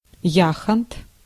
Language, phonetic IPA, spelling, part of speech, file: Russian, [ˈjaxənt], яхонт, noun, Ru-яхонт.ogg
- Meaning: ruby; sapphire